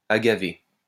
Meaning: 1. agave 2. twin-spot fritillary
- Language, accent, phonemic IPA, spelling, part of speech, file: French, France, /a.ɡa.ve/, agavé, noun, LL-Q150 (fra)-agavé.wav